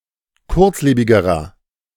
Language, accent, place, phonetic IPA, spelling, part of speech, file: German, Germany, Berlin, [ˈkʊʁt͡sˌleːbɪɡəʁɐ], kurzlebigerer, adjective, De-kurzlebigerer.ogg
- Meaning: inflection of kurzlebig: 1. strong/mixed nominative masculine singular comparative degree 2. strong genitive/dative feminine singular comparative degree 3. strong genitive plural comparative degree